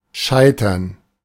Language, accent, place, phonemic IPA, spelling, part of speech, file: German, Germany, Berlin, /ˈʃaɪ̯tɐn/, Scheitern, noun, De-Scheitern.ogg
- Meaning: 1. gerund of scheitern 2. collapse, breakup 3. failure